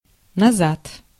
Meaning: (adverb) back, backward, backwards; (interjection) get back; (postposition) ago
- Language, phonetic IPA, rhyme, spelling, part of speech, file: Russian, [nɐˈzat], -at, назад, adverb / interjection / postposition, Ru-назад.ogg